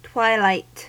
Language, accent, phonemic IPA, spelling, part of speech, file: English, US, /ˈtwaɪˌlaɪt/, twilight, noun / adjective / verb, En-us-twilight.ogg